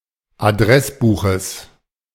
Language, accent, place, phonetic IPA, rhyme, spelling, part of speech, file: German, Germany, Berlin, [aˈdʁɛsˌbuːxəs], -ɛsbuːxəs, Adressbuches, noun, De-Adressbuches.ogg
- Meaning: genitive of Adressbuch